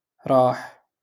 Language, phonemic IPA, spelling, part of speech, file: Moroccan Arabic, /raːħ/, راح, verb, LL-Q56426 (ary)-راح.wav
- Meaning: to go